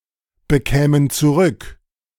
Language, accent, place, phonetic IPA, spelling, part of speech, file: German, Germany, Berlin, [bəˌkɛːmən t͡suˈʁʏk], bekämen zurück, verb, De-bekämen zurück.ogg
- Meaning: first-person plural subjunctive II of zurückbekommen